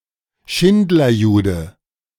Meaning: A Jew saved by Oskar Schindler
- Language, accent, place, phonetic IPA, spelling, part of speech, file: German, Germany, Berlin, [ˈʃɪndlɐˌjuːdə], Schindlerjude, noun, De-Schindlerjude.ogg